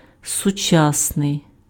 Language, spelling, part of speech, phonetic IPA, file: Ukrainian, сучасний, adjective, [sʊˈt͡ʃasnei̯], Uk-сучасний.ogg
- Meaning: 1. modern 2. contemporary